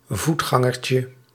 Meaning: diminutive of voetganger
- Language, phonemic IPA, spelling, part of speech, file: Dutch, /ˈvutxɑŋərcə/, voetgangertje, noun, Nl-voetgangertje.ogg